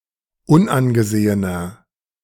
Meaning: inflection of unangesehen: 1. strong/mixed nominative masculine singular 2. strong genitive/dative feminine singular 3. strong genitive plural
- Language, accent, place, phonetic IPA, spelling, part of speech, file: German, Germany, Berlin, [ˈʊnʔanɡəˌzeːənɐ], unangesehener, adjective, De-unangesehener.ogg